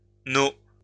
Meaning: abbreviation of numéro (“number”)
- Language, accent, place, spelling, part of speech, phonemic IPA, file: French, France, Lyon, no, noun, /no/, LL-Q150 (fra)-no.wav